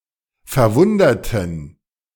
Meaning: inflection of verwundern: 1. first/third-person plural preterite 2. first/third-person plural subjunctive II
- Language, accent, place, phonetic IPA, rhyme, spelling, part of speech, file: German, Germany, Berlin, [fɛɐ̯ˈvʊndɐtn̩], -ʊndɐtn̩, verwunderten, adjective / verb, De-verwunderten.ogg